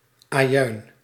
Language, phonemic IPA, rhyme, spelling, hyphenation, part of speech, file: Dutch, /aːˈjœy̯n/, -œy̯n, ajuin, ajuin, noun, Nl-ajuin.ogg
- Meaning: onion